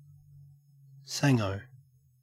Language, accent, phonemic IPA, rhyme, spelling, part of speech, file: English, Australia, /ˈsæŋəʊ/, -æŋəʊ, sango, noun, En-au-sango.ogg
- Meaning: A sandwich